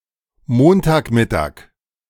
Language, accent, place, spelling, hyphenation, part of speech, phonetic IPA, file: German, Germany, Berlin, Montagmittag, Mon‧tag‧mit‧tag, noun, [ˈmoːntaːkˌmɪtaːk], De-Montagmittag.ogg
- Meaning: Monday noon